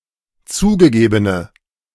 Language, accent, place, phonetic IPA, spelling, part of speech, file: German, Germany, Berlin, [ˈt͡suːɡəˌɡeːbənə], zugegebene, adjective, De-zugegebene.ogg
- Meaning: inflection of zugegeben: 1. strong/mixed nominative/accusative feminine singular 2. strong nominative/accusative plural 3. weak nominative all-gender singular